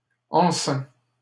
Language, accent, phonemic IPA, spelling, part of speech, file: French, Canada, /ɑ̃.sɛ̃/, enceints, adjective, LL-Q150 (fra)-enceints.wav
- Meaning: masculine plural of enceint